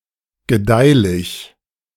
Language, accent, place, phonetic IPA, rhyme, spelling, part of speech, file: German, Germany, Berlin, [ɡəˈdaɪ̯lɪç], -aɪ̯lɪç, gedeihlich, adjective, De-gedeihlich.ogg
- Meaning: profitable, productive